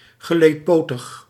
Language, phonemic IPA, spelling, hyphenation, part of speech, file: Dutch, /ɣəˌleːtˈpoːtəx/, geleedpotig, ge‧leed‧po‧tig, adjective, Nl-geleedpotig.ogg
- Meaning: arthropodal